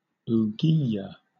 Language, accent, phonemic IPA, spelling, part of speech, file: English, Southern England, /uːˈɡiːjə/, ouguiya, noun, LL-Q1860 (eng)-ouguiya.wav
- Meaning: The currency of Mauritania, divided into five khoums